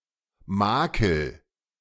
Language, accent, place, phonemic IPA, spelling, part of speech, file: German, Germany, Berlin, /ˈmaːkəl/, Makel, noun, De-Makel.ogg
- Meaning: flaw; blemish